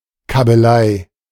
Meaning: tiff, quarrel, squabble
- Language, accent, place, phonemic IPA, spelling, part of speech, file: German, Germany, Berlin, /kabəˈlaɪ̯/, Kabbelei, noun, De-Kabbelei.ogg